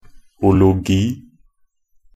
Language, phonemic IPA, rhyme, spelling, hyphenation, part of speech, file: Norwegian Bokmål, /ʊlʊˈɡiː/, -ʊɡiː, -ologi, -o‧lo‧gi, suffix, Nb--ologi.ogg
- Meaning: alternative spelling of -logi